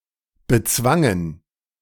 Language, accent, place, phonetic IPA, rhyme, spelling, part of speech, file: German, Germany, Berlin, [bəˈt͡svaŋən], -aŋən, bezwangen, verb, De-bezwangen.ogg
- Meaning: first/third-person plural preterite of bezwingen